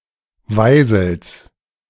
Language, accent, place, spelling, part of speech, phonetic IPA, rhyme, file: German, Germany, Berlin, Weisels, noun, [ˈvaɪ̯zl̩s], -aɪ̯zl̩s, De-Weisels.ogg
- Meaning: genitive singular of Weisel m